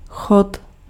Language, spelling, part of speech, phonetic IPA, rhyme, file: Czech, chod, noun, [ˈxot], -ot, Cs-chod.ogg
- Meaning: 1. course (part of a meal) 2. gear 3. operation (the act or process of operating, of running)